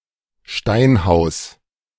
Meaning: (noun) stonen house; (proper noun) 1. a municipality of Upper Austria, Austria 2. a surname
- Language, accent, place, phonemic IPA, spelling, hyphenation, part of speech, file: German, Germany, Berlin, /ˈʃtaɪ̯nˌhaʊ̯s/, Steinhaus, Stein‧haus, noun / proper noun, De-Steinhaus.ogg